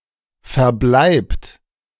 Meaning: inflection of verbleiben: 1. third-person singular present 2. second-person plural present 3. plural imperative
- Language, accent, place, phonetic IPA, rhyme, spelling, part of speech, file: German, Germany, Berlin, [fɛɐ̯ˈblaɪ̯pt], -aɪ̯pt, verbleibt, verb, De-verbleibt.ogg